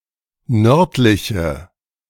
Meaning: inflection of nördlich: 1. strong/mixed nominative/accusative feminine singular 2. strong nominative/accusative plural 3. weak nominative all-gender singular
- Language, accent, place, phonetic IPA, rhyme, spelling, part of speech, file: German, Germany, Berlin, [ˈnœʁtlɪçə], -œʁtlɪçə, nördliche, adjective, De-nördliche.ogg